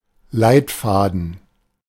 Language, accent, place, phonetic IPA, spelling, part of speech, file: German, Germany, Berlin, [ˈlaɪ̯tˌfaːdn̩], Leitfaden, noun, De-Leitfaden.ogg
- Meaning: 1. manual, guide 2. guiding principle, yardstick